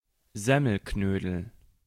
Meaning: bread dumpling
- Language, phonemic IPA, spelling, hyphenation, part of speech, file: German, /ˈzɛməl.ˌknøːdl̩/, Semmelknödel, Sem‧mel‧knö‧del, noun, De-Semmelknödel.ogg